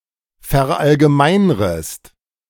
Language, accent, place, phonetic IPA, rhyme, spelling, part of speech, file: German, Germany, Berlin, [fɛɐ̯ˌʔalɡəˈmaɪ̯nʁəst], -aɪ̯nʁəst, verallgemeinrest, verb, De-verallgemeinrest.ogg
- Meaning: second-person singular subjunctive I of verallgemeinern